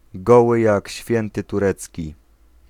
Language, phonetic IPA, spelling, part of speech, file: Polish, [ˈɡɔwɨ ˈjäc ˈɕfʲjɛ̃ntɨ tuˈrɛt͡sʲci], goły jak święty turecki, adjectival phrase, Pl-goły jak święty turecki.ogg